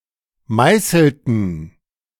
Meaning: inflection of meißeln: 1. first/third-person plural preterite 2. first/third-person plural subjunctive II
- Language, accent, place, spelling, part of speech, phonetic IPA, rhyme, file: German, Germany, Berlin, meißelten, verb, [ˈmaɪ̯sl̩tn̩], -aɪ̯sl̩tn̩, De-meißelten.ogg